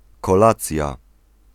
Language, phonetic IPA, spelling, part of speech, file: Polish, [kɔˈlat͡sʲja], kolacja, noun, Pl-kolacja.ogg